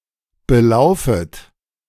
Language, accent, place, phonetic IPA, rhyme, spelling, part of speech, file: German, Germany, Berlin, [bəˈlaʊ̯fət], -aʊ̯fət, belaufet, verb, De-belaufet.ogg
- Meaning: second-person plural subjunctive I of belaufen